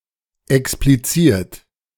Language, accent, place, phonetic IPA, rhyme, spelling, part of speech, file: German, Germany, Berlin, [ɛkspliˈt͡siːɐ̯t], -iːɐ̯t, expliziert, verb, De-expliziert.ogg
- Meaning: 1. past participle of explizieren 2. inflection of explizieren: third-person singular present 3. inflection of explizieren: second-person plural present 4. inflection of explizieren: plural imperative